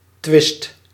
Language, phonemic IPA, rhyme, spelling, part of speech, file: Dutch, /tʋɪst/, -ɪst, twist, noun, Nl-twist.ogg
- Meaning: 1. strife, discord 2. dispute 3. twist: dance, turn